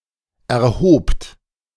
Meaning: second-person plural preterite of erheben
- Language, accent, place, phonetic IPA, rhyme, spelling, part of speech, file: German, Germany, Berlin, [ɛɐ̯ˈhoːpt], -oːpt, erhobt, verb, De-erhobt.ogg